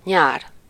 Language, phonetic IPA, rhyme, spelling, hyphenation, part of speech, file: Hungarian, [ˈɲaːr], -aːr, nyár, nyár, noun, Hu-nyár.ogg
- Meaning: 1. summer 2. poplar (any of various deciduous trees of the genus Populus, including aspen and cottonwood) 3. marsh